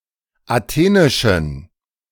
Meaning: inflection of athenisch: 1. strong genitive masculine/neuter singular 2. weak/mixed genitive/dative all-gender singular 3. strong/weak/mixed accusative masculine singular 4. strong dative plural
- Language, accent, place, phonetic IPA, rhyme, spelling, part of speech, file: German, Germany, Berlin, [aˈteːnɪʃn̩], -eːnɪʃn̩, athenischen, adjective, De-athenischen.ogg